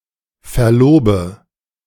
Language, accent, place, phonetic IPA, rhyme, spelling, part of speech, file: German, Germany, Berlin, [fɛɐ̯ˈloːbə], -oːbə, verlobe, verb, De-verlobe.ogg
- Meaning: inflection of verloben: 1. first-person singular present 2. first/third-person singular subjunctive I 3. singular imperative